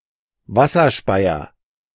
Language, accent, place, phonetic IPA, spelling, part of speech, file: German, Germany, Berlin, [ˈvasɐˌʃpaɪ̯ɐ], Wasserspeier, noun, De-Wasserspeier.ogg
- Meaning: gargoyle, waterspout